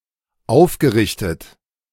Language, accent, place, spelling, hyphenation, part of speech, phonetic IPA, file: German, Germany, Berlin, aufgerichtet, auf‧ge‧rich‧tet, verb / adjective, [ˈʔaʊ̯fɡəʁɪçtət], De-aufgerichtet.ogg
- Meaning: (verb) past participle of aufrichten; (adjective) erected, straightened up